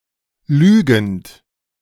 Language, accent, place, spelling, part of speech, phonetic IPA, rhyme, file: German, Germany, Berlin, lügend, verb, [ˈlyːɡn̩t], -yːɡn̩t, De-lügend.ogg
- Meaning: present participle of lügen